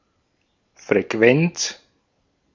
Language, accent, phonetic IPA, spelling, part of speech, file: German, Austria, [fʁeˈkvɛnt͡s], Frequenz, noun, De-at-Frequenz.ogg
- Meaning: 1. frequency (the rate of occurrence of anything) 2. frequency (the quotient f of the number of times n a periodic phenomenon occurs over the time t in which it occurs)